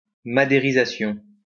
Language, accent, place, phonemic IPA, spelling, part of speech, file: French, France, Lyon, /ma.de.ʁi.za.sjɔ̃/, madérisation, noun, LL-Q150 (fra)-madérisation.wav
- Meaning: maderization